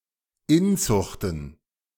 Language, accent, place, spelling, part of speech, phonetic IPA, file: German, Germany, Berlin, Inzuchten, noun, [ˈɪnˌt͡sʊxtn̩], De-Inzuchten.ogg
- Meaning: plural of Inzucht